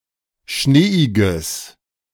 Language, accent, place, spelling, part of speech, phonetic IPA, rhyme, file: German, Germany, Berlin, schneeiges, adjective, [ˈʃneːɪɡəs], -eːɪɡəs, De-schneeiges.ogg
- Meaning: strong/mixed nominative/accusative neuter singular of schneeig